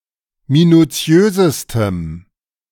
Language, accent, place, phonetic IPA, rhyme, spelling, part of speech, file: German, Germany, Berlin, [minuˈt͡si̯øːzəstəm], -øːzəstəm, minutiösestem, adjective, De-minutiösestem.ogg
- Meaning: strong dative masculine/neuter singular superlative degree of minutiös